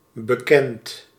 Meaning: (adjective) 1. known 2. familiar, trusted; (verb) past participle of bekennen
- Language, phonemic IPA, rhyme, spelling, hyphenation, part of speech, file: Dutch, /bəˈkɛnt/, -ɛnt, bekend, be‧kend, adjective / verb, Nl-bekend.ogg